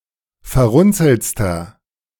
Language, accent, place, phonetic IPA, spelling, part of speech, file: German, Germany, Berlin, [fɛɐ̯ˈʁʊnt͡sl̩t͡stɐ], verrunzeltster, adjective, De-verrunzeltster.ogg
- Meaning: inflection of verrunzelt: 1. strong/mixed nominative masculine singular superlative degree 2. strong genitive/dative feminine singular superlative degree 3. strong genitive plural superlative degree